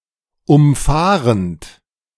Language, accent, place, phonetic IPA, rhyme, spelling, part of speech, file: German, Germany, Berlin, [ʊmˈfaːʁənt], -aːʁənt, umfahrend, verb, De-umfahrend.ogg
- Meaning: present participle of umfahren